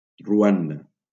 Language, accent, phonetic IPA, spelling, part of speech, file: Catalan, Valencia, [ruˈan.da], Ruanda, proper noun, LL-Q7026 (cat)-Ruanda.wav
- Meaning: Rwanda (a country in East Africa)